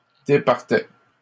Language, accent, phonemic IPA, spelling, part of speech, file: French, Canada, /de.paʁ.tɛ/, départait, verb, LL-Q150 (fra)-départait.wav
- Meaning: third-person singular imperfect indicative of départir